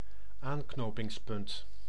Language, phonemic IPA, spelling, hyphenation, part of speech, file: Dutch, /ˈaːn.knoː.pɪŋsˌpʏnt/, aanknopingspunt, aan‧kno‧pings‧punt, noun, Nl-aanknopingspunt.ogg
- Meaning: 1. starting point, lead 2. point of reference